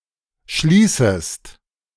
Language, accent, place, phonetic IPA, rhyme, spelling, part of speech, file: German, Germany, Berlin, [ˈʃliːsəst], -iːsəst, schließest, verb, De-schließest.ogg
- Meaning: second-person singular subjunctive I of schließen